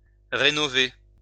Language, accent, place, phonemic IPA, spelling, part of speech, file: French, France, Lyon, /ʁe.nɔ.ve/, rénover, verb, LL-Q150 (fra)-rénover.wav
- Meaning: to renew, to renovate, to revitalize